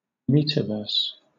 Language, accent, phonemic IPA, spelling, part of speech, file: English, Southern England, /ˈmɛt.ə.vɜːs/, metaverse, noun, LL-Q1860 (eng)-metaverse.wav
- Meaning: A hypothetical future (counterpart or continuation of the) Internet, created by the convergence of virtually enhanced physical reality and physically persistent virtual space